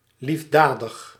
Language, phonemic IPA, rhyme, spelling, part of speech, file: Dutch, /ˌlifˈdaː.dəx/, -aːdəx, liefdadig, adjective, Nl-liefdadig.ogg
- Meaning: charitable